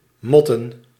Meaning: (verb) to fight, to row; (noun) plural of mot
- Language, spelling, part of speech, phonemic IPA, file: Dutch, motten, verb / noun, /ˈmɔtə(n)/, Nl-motten.ogg